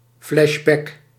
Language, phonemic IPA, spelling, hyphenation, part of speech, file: Dutch, /flɛʒˈbɛk/, flashback, flash‧back, noun, Nl-flashback.ogg
- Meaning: flashback